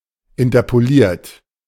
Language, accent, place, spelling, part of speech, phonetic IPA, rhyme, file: German, Germany, Berlin, interpoliert, adjective / verb, [ɪntɐpoˈliːɐ̯t], -iːɐ̯t, De-interpoliert.ogg
- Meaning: 1. past participle of interpolieren 2. inflection of interpolieren: third-person singular present 3. inflection of interpolieren: second-person plural present